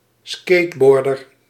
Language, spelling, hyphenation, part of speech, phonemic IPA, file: Dutch, skateboarder, skate‧boar‧der, noun, /ˈskeːtˌbɔr.dər/, Nl-skateboarder.ogg
- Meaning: a skateboarder